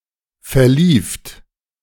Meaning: second-person plural preterite of verlaufen
- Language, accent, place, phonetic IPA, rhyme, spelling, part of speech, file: German, Germany, Berlin, [fɛɐ̯ˈliːft], -iːft, verlieft, verb, De-verlieft.ogg